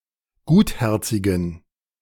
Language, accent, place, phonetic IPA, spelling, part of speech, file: German, Germany, Berlin, [ˈɡuːtˌhɛʁt͡sɪɡn̩], gutherzigen, adjective, De-gutherzigen.ogg
- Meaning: inflection of gutherzig: 1. strong genitive masculine/neuter singular 2. weak/mixed genitive/dative all-gender singular 3. strong/weak/mixed accusative masculine singular 4. strong dative plural